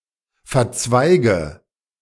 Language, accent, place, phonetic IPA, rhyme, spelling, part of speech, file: German, Germany, Berlin, [fɛɐ̯ˈt͡svaɪ̯ɡə], -aɪ̯ɡə, verzweige, verb, De-verzweige.ogg
- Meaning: inflection of verzweigen: 1. first-person singular present 2. first/third-person singular subjunctive I 3. singular imperative